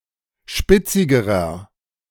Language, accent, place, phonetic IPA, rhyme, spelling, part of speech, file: German, Germany, Berlin, [ˈʃpɪt͡sɪɡəʁɐ], -ɪt͡sɪɡəʁɐ, spitzigerer, adjective, De-spitzigerer.ogg
- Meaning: inflection of spitzig: 1. strong/mixed nominative masculine singular comparative degree 2. strong genitive/dative feminine singular comparative degree 3. strong genitive plural comparative degree